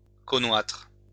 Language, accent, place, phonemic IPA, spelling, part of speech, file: French, France, Lyon, /kɔ.nɛtʁ/, connoître, verb, LL-Q150 (fra)-connoître.wav
- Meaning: archaic spelling of connaître